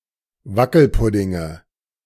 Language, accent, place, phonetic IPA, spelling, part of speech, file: German, Germany, Berlin, [ˈvakl̩ˌpʊdɪŋə], Wackelpuddinge, noun, De-Wackelpuddinge.ogg
- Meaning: nominative/accusative/genitive plural of Wackelpudding